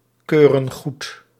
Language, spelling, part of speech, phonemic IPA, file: Dutch, keuren goed, verb, /ˈkørə(n) ˈɣut/, Nl-keuren goed.ogg
- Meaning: inflection of goedkeuren: 1. plural present indicative 2. plural present subjunctive